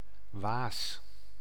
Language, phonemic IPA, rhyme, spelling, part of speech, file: Dutch, /ʋaːs/, -aːs, waas, noun, Nl-waas.ogg
- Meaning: 1. haze, mist 2. bloom 3. film